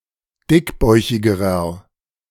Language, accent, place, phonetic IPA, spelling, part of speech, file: German, Germany, Berlin, [ˈdɪkˌbɔɪ̯çɪɡəʁɐ], dickbäuchigerer, adjective, De-dickbäuchigerer.ogg
- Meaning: inflection of dickbäuchig: 1. strong/mixed nominative masculine singular comparative degree 2. strong genitive/dative feminine singular comparative degree 3. strong genitive plural comparative degree